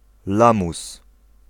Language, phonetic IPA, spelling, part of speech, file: Polish, [ˈlãmus], lamus, noun, Pl-lamus.ogg